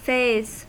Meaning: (noun) A distinguishable part of a sequence or cycle occurring over time
- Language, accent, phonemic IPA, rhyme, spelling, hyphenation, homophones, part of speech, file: English, US, /feɪz/, -eɪz, phase, phase, faze, noun / verb, En-us-phase.ogg